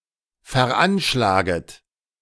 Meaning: second-person plural subjunctive I of veranschlagen
- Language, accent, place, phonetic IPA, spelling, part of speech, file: German, Germany, Berlin, [fɛɐ̯ˈʔanʃlaːɡət], veranschlaget, verb, De-veranschlaget.ogg